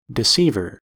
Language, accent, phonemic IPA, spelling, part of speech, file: English, US, /dɪˈsivɚ/, deceiver, noun, En-us-deceiver.ogg
- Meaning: 1. A person who lies or deceives 2. Another name for Satan